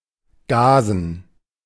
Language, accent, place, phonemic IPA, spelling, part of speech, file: German, Germany, Berlin, /ˈɡaːzn̩/, Gasen, proper noun / noun, De-Gasen.ogg
- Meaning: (proper noun) 1. a municipality of Styria, Austria 2. a surname; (noun) dative plural of Gas